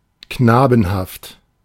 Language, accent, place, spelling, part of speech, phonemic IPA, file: German, Germany, Berlin, knabenhaft, adjective, /ˈknaːbn̩haft/, De-knabenhaft.ogg
- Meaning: boyish, gamine